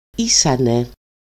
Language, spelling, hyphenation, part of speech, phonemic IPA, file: Greek, ήσανε, ή‧σα‧νε, verb, /ˈisane/, El-ήσανε.ogg
- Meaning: third-person plural imperfect of είμαι (eímai): "they were"